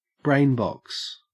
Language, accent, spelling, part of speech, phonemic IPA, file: English, Australia, brainbox, noun, /ˈbɹeɪn(ˌ)bɒks/, En-au-brainbox.ogg
- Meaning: 1. The cavity of the skull in which the brain is contained 2. The skull; the head 3. A very intelligent person